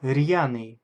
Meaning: 1. zealous 2. mettlesome
- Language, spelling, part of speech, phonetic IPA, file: Russian, рьяный, adjective, [ˈrʲjanɨj], Ru-рьяный.ogg